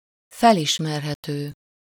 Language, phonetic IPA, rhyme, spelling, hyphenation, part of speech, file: Hungarian, [ˈfɛliʃmɛrɦɛtøː], -tøː, felismerhető, fel‧is‧mer‧he‧tő, adjective, Hu-felismerhető.ogg
- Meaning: recognizable